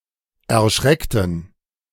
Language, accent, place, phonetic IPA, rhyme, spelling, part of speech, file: German, Germany, Berlin, [ɛɐ̯ˈʃʁɛktn̩], -ɛktn̩, erschreckten, adjective / verb, De-erschreckten.ogg
- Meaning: inflection of erschrecken: 1. first/third-person plural preterite 2. first/third-person plural subjunctive II